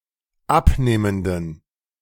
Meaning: inflection of abnehmend: 1. strong genitive masculine/neuter singular 2. weak/mixed genitive/dative all-gender singular 3. strong/weak/mixed accusative masculine singular 4. strong dative plural
- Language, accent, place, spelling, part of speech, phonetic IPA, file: German, Germany, Berlin, abnehmenden, adjective, [ˈapˌneːməndn̩], De-abnehmenden.ogg